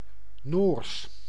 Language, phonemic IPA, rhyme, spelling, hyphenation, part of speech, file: Dutch, /noːrs/, -oːrs, Noors, Noors, adjective / proper noun, Nl-Noors.ogg
- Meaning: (adjective) Norwegian; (proper noun) the Norwegian language